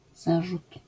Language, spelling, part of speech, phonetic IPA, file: Polish, zarzut, noun, [ˈzaʒut], LL-Q809 (pol)-zarzut.wav